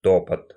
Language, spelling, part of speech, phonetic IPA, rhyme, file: Russian, топот, noun, [ˈtopət], -opət, Ru-топот.ogg
- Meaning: footfall, tread, tramp, trample, stamp, stomp